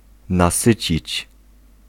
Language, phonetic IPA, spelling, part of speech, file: Polish, [naˈsɨt͡ɕit͡ɕ], nasycić, verb, Pl-nasycić.ogg